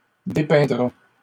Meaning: third-person singular simple future of dépeindre
- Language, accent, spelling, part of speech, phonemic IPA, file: French, Canada, dépeindra, verb, /de.pɛ̃.dʁa/, LL-Q150 (fra)-dépeindra.wav